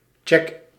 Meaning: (noun) check (inspection or examination); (verb) inflection of checken: 1. first-person singular present indicative 2. second-person singular present indicative 3. imperative
- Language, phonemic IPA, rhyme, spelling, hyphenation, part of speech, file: Dutch, /tʃɛk/, -ɛk, check, check, noun / verb, Nl-check.ogg